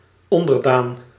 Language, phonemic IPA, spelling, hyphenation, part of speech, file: Dutch, /ˈɔn.dərˌdaːn/, onderdaan, on‧der‧daan, noun, Nl-onderdaan.ogg
- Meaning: subject (i.e. a citizen in a monarchy)